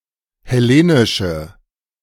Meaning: inflection of hellenisch: 1. strong/mixed nominative/accusative feminine singular 2. strong nominative/accusative plural 3. weak nominative all-gender singular
- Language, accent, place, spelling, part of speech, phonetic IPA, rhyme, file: German, Germany, Berlin, hellenische, adjective, [hɛˈleːnɪʃə], -eːnɪʃə, De-hellenische.ogg